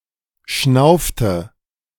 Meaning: inflection of schnaufen: 1. first/third-person singular preterite 2. first/third-person singular subjunctive II
- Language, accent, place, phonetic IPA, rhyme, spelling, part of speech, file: German, Germany, Berlin, [ˈʃnaʊ̯ftə], -aʊ̯ftə, schnaufte, verb, De-schnaufte.ogg